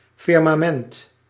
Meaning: firmament (vault or sphere of the heavens, seen as solid in older cosmologies; sky)
- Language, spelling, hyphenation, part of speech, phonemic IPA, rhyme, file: Dutch, firmament, fir‧ma‧ment, noun, /ˌfɪr.maːˈmɛnt/, -ɛnt, Nl-firmament.ogg